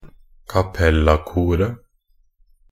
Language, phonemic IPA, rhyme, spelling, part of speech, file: Norwegian Bokmål, /kaˈpɛlːakuːrə/, -uːrə, cappella-koret, noun, Nb-cappella-koret.ogg
- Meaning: definite singular of cappella-kor